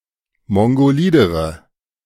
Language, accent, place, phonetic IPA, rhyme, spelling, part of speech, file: German, Germany, Berlin, [ˌmɔŋɡoˈliːdəʁə], -iːdəʁə, mongolidere, adjective, De-mongolidere.ogg
- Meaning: inflection of mongolid: 1. strong/mixed nominative/accusative feminine singular comparative degree 2. strong nominative/accusative plural comparative degree